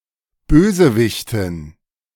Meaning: villainess
- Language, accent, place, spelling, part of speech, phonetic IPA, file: German, Germany, Berlin, Bösewichtin, noun, [ˈbøːzəˌvɪçtɪn], De-Bösewichtin.ogg